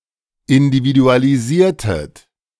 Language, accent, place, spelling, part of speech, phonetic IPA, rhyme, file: German, Germany, Berlin, individualisiertet, verb, [ɪndividualiˈziːɐ̯tət], -iːɐ̯tət, De-individualisiertet.ogg
- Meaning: inflection of individualisieren: 1. second-person plural preterite 2. second-person plural subjunctive II